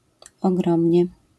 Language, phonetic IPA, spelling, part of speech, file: Polish, [ɔˈɡrɔ̃mʲɲɛ], ogromnie, adverb, LL-Q809 (pol)-ogromnie.wav